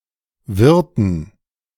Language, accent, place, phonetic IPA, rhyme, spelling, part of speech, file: German, Germany, Berlin, [ˈvɪʁtn̩], -ɪʁtn̩, wirrten, verb, De-wirrten.ogg
- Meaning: inflection of wirren: 1. first/third-person plural preterite 2. first/third-person plural subjunctive II